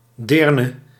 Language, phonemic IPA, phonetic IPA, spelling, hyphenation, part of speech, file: Dutch, /ˈdeːr.nə/, [ˈdɪːr.nə], deerne, deer‧ne, noun, Nl-deerne.ogg
- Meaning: 1. girl 2. promiscuous woman 3. maidservant, maid